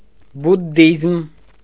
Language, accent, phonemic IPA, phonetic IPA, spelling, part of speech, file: Armenian, Eastern Armenian, /budˈdizm/, [budːízm], բուդդիզմ, noun, Hy-բուդդիզմ.ogg
- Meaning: Buddhism